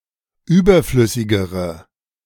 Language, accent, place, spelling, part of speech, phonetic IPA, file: German, Germany, Berlin, überflüssigere, adjective, [ˈyːbɐˌflʏsɪɡəʁə], De-überflüssigere.ogg
- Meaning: inflection of überflüssig: 1. strong/mixed nominative/accusative feminine singular comparative degree 2. strong nominative/accusative plural comparative degree